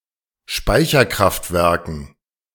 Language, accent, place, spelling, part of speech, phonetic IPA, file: German, Germany, Berlin, Speicherkraftwerken, noun, [ˈʃpaɪ̯çɐˌkʁaftvɛʁkn̩], De-Speicherkraftwerken.ogg
- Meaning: dative plural of Speicherkraftwerk